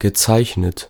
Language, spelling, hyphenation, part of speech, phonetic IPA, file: German, gezeichnet, ge‧zeich‧net, verb / adverb, [ɡəˈt͡saɪ̯çnət], De-gezeichnet.ogg
- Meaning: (verb) past participle of zeichnen; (adverb) signed; usually abbreviated as gez., which see for more